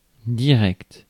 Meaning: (adjective) direct; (noun) live broadcast, live reporting; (adverb) directly
- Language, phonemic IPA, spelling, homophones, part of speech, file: French, /di.ʁɛkt/, direct, directe / directes / directs, adjective / noun / adverb, Fr-direct.ogg